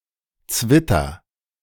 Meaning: 1. hermaphrodite (individual or organism having both male and female gonads) 2. hybrid (something of mixed components) 3. something showing incompatible attributes
- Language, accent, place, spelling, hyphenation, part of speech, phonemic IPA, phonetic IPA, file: German, Germany, Berlin, Zwitter, Zwit‧ter, noun, /ˈtsvɪtər/, [ˈt͡sʋɪtɐ], De-Zwitter.ogg